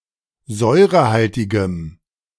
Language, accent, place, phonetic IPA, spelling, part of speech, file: German, Germany, Berlin, [ˈzɔɪ̯ʁəˌhaltɪɡəm], säurehaltigem, adjective, De-säurehaltigem.ogg
- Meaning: strong dative masculine/neuter singular of säurehaltig